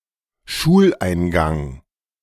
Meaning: 1. entrance of a school building 2. beginning of one's school career; start of the first grade of elementary school
- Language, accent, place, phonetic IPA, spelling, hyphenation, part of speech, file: German, Germany, Berlin, [ˈʃuːlʔaɪ̯nˌɡaŋ], Schuleingang, Schul‧ein‧gang, noun, De-Schuleingang.ogg